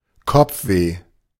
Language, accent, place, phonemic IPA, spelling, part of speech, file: German, Germany, Berlin, /ˈkɔp͡fˌveː/, Kopfweh, noun, De-Kopfweh.ogg
- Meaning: headache